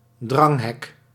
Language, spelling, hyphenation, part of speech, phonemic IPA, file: Dutch, dranghek, drang‧hek, noun, /ˈdrɑŋ.ɦɛk/, Nl-dranghek.ogg
- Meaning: crowd-control barrier